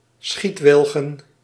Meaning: plural of schietwilg
- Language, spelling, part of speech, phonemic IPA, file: Dutch, schietwilgen, noun, /ˈsxitwɪlɣə(n)/, Nl-schietwilgen.ogg